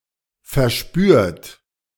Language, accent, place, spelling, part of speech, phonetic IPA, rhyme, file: German, Germany, Berlin, verspürt, verb, [fɛɐ̯ˈʃpyːɐ̯t], -yːɐ̯t, De-verspürt.ogg
- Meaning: 1. past participle of verspüren 2. inflection of verspüren: third-person singular present 3. inflection of verspüren: second-person plural present 4. inflection of verspüren: plural imperative